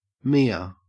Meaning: 1. An ancient bluffing game played with dice 2. Bulimia nervosa
- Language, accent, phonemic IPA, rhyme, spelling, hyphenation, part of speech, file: English, Australia, /miː.ə/, -iːə, mia, mi‧a, noun, En-au-mia.ogg